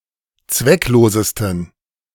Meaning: 1. superlative degree of zwecklos 2. inflection of zwecklos: strong genitive masculine/neuter singular superlative degree
- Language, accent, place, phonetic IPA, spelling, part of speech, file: German, Germany, Berlin, [ˈt͡svɛkˌloːzəstn̩], zwecklosesten, adjective, De-zwecklosesten.ogg